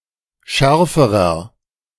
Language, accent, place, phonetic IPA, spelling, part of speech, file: German, Germany, Berlin, [ˈʃɛʁfəʁɐ], schärferer, adjective, De-schärferer.ogg
- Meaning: inflection of scharf: 1. strong/mixed nominative masculine singular comparative degree 2. strong genitive/dative feminine singular comparative degree 3. strong genitive plural comparative degree